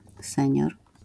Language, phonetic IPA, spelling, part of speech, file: Polish, [ˈsɛ̃ɲɔr], senior, noun, LL-Q809 (pol)-senior.wav